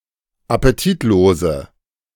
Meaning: inflection of appetitlos: 1. strong/mixed nominative/accusative feminine singular 2. strong nominative/accusative plural 3. weak nominative all-gender singular
- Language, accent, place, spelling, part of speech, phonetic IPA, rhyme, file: German, Germany, Berlin, appetitlose, adjective, [apeˈtiːtˌloːzə], -iːtloːzə, De-appetitlose.ogg